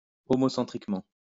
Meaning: homocentrically
- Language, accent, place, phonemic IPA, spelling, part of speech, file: French, France, Lyon, /ɔ.mɔ.sɑ̃.tʁik.mɑ̃/, homocentriquement, adverb, LL-Q150 (fra)-homocentriquement.wav